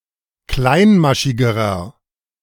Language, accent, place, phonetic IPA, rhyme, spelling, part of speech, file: German, Germany, Berlin, [ˈklaɪ̯nˌmaʃɪɡəʁɐ], -aɪ̯nmaʃɪɡəʁɐ, kleinmaschigerer, adjective, De-kleinmaschigerer.ogg
- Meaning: inflection of kleinmaschig: 1. strong/mixed nominative masculine singular comparative degree 2. strong genitive/dative feminine singular comparative degree 3. strong genitive plural comparative degree